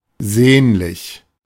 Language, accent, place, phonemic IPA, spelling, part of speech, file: German, Germany, Berlin, /ˈzeːnlɪç/, sehnlich, adjective, De-sehnlich.ogg
- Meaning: 1. eager, ardent, fervent 2. devout